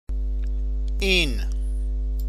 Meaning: 1. this; the 2. he, she, it
- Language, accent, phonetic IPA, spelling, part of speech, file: Persian, Iran, [ʔiːn], این, determiner, Fa-این.ogg